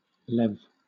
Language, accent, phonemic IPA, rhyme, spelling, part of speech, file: English, Southern England, /lɛv/, -ɛv, lev, noun, LL-Q1860 (eng)-lev.wav
- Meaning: The currency of Bulgaria from 1880 to 2025; divided into 100 stotinki